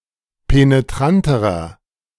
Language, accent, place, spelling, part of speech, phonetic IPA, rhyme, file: German, Germany, Berlin, penetranterer, adjective, [peneˈtʁantəʁɐ], -antəʁɐ, De-penetranterer.ogg
- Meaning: inflection of penetrant: 1. strong/mixed nominative masculine singular comparative degree 2. strong genitive/dative feminine singular comparative degree 3. strong genitive plural comparative degree